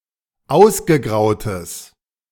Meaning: strong/mixed nominative/accusative neuter singular of ausgegraut
- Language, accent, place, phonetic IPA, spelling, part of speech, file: German, Germany, Berlin, [ˈaʊ̯sɡəˌɡʁaʊ̯təs], ausgegrautes, adjective, De-ausgegrautes.ogg